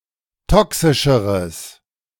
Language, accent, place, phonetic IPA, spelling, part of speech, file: German, Germany, Berlin, [ˈtɔksɪʃəʁəs], toxischeres, adjective, De-toxischeres.ogg
- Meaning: strong/mixed nominative/accusative neuter singular comparative degree of toxisch